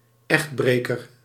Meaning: 1. an adulterer, who breaks his (or her) marital bond 2. a homewrecker
- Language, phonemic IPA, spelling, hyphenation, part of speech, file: Dutch, /ˈɛxtˌbreː.kər/, echtbreker, echt‧bre‧ker, noun, Nl-echtbreker.ogg